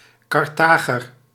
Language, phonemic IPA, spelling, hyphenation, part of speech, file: Dutch, /ˌkɑrˈtaː.ɣər/, Carthager, Car‧tha‧ger, noun, Nl-Carthager.ogg
- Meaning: a Carthaginian